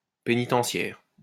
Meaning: penitentiary
- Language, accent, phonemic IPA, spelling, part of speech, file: French, France, /pe.ni.tɑ̃.sjɛʁ/, pénitentiaire, adjective, LL-Q150 (fra)-pénitentiaire.wav